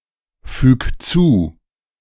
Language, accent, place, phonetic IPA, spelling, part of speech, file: German, Germany, Berlin, [ˌfyːk ˈt͡suː], füg zu, verb, De-füg zu.ogg
- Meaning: 1. singular imperative of zufügen 2. first-person singular present of zufügen